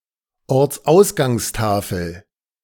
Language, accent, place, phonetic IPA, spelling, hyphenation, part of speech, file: German, Germany, Berlin, [ɔʁt͡sˈʔaʊ̯sɡaŋsˌtaːfl̩], Ortsausgangstafel, Orts‧aus‧gangs‧ta‧fel, noun, De-Ortsausgangstafel.ogg
- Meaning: A place-name sign, placed for reading by drivers exiting a village, town, or city